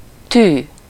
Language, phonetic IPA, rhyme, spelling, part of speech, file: Hungarian, [ˈtyː], -tyː, tű, noun, Hu-tű.ogg
- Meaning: 1. needle 2. pin